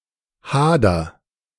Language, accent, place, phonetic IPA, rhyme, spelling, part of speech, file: German, Germany, Berlin, [ˈhaːdɐ], -aːdɐ, hader, verb, De-hader.ogg
- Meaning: inflection of hadern: 1. first-person singular present 2. singular imperative